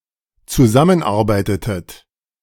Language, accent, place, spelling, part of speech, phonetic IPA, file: German, Germany, Berlin, zusammenarbeitetet, verb, [t͡suˈzamənˌʔaʁbaɪ̯tətət], De-zusammenarbeitetet.ogg
- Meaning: inflection of zusammenarbeiten: 1. second-person plural dependent preterite 2. second-person plural dependent subjunctive II